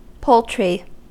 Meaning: 1. Domestic fowl (e.g. chickens, ducks, turkeys, geese) raised for food (meat, eggs, or both) 2. The meat from a domestic fowl
- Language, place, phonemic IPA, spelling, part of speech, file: English, California, /ˈpoʊltɹi/, poultry, noun, En-us-poultry.ogg